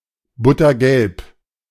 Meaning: butter-yellow (in colour)
- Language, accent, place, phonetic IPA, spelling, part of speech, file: German, Germany, Berlin, [ˈbʊtɐˌɡɛlp], buttergelb, adjective, De-buttergelb.ogg